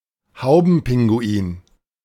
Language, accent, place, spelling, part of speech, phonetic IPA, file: German, Germany, Berlin, Haubenpinguin, noun, [ˈhaʊ̯bn̩ˌpɪŋɡuiːn], De-Haubenpinguin.ogg
- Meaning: royal penguin